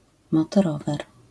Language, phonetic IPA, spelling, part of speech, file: Polish, [ˌmɔtɔˈrɔvɛr], motorower, noun, LL-Q809 (pol)-motorower.wav